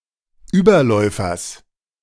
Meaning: genitive singular of Überläufer
- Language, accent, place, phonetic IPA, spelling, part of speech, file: German, Germany, Berlin, [ˈyːbɐˌlɔɪ̯fɐs], Überläufers, noun, De-Überläufers.ogg